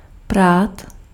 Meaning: 1. to wash, to launder 2. to fight
- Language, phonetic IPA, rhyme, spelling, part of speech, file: Czech, [ˈpraːt], -aːt, prát, verb, Cs-prát.ogg